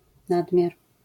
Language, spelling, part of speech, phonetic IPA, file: Polish, nadmiar, noun, [ˈnadmʲjar], LL-Q809 (pol)-nadmiar.wav